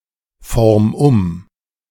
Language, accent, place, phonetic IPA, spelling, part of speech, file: German, Germany, Berlin, [ˌfɔʁm ˈʊm], form um, verb, De-form um.ogg
- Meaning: 1. singular imperative of umformen 2. first-person singular present of umformen